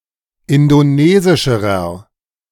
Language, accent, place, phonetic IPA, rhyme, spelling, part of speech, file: German, Germany, Berlin, [ˌɪndoˈneːzɪʃəʁɐ], -eːzɪʃəʁɐ, indonesischerer, adjective, De-indonesischerer.ogg
- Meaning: inflection of indonesisch: 1. strong/mixed nominative masculine singular comparative degree 2. strong genitive/dative feminine singular comparative degree 3. strong genitive plural comparative degree